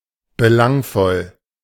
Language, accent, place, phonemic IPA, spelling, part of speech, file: German, Germany, Berlin, /bəˈlaŋfɔl/, belangvoll, adjective, De-belangvoll.ogg
- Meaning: relevant, significant